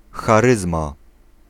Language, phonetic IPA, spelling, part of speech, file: Polish, [xaˈrɨzma], charyzma, noun, Pl-charyzma.ogg